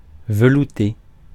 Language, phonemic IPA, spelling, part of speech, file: French, /və.lu.te/, velouté, adjective / noun, Fr-velouté.ogg
- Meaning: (adjective) 1. velvety 2. smooth; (noun) 1. smoothness, softness 2. a velouté